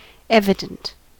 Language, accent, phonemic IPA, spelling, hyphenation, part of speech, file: English, US, /ˈɛv.ə.dənt/, evident, ev‧i‧dent, adjective, En-us-evident.ogg
- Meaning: Obviously true by simple observation